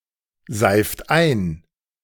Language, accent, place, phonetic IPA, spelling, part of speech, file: German, Germany, Berlin, [ˌzaɪ̯ft ˈaɪ̯n], seift ein, verb, De-seift ein.ogg
- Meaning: inflection of einseifen: 1. third-person singular present 2. second-person plural present 3. plural imperative